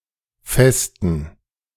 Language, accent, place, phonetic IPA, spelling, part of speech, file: German, Germany, Berlin, [fɛstn̩], festen, verb / adjective, De-festen.ogg
- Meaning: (verb) to celebrate, to party; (adjective) inflection of fest: 1. strong genitive masculine/neuter singular 2. weak/mixed genitive/dative all-gender singular